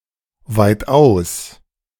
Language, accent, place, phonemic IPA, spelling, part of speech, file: German, Germany, Berlin, /ˈvaɪ̯tʔaʊ̯s/, weitaus, adverb, De-weitaus.ogg
- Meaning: by far